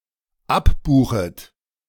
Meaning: second-person plural dependent subjunctive I of abbuchen
- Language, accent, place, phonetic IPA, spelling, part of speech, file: German, Germany, Berlin, [ˈapˌbuːxət], abbuchet, verb, De-abbuchet.ogg